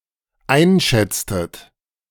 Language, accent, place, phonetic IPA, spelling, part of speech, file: German, Germany, Berlin, [ˈaɪ̯nˌʃɛt͡stət], einschätztet, verb, De-einschätztet.ogg
- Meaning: inflection of einschätzen: 1. second-person plural dependent preterite 2. second-person plural dependent subjunctive II